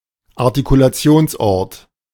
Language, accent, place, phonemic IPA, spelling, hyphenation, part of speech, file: German, Germany, Berlin, /aʁtikulaˈt͡si̯oːnsˌʔɔʁt/, Artikulationsort, Ar‧ti‧ku‧la‧ti‧ons‧ort, noun, De-Artikulationsort.ogg
- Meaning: place of articulation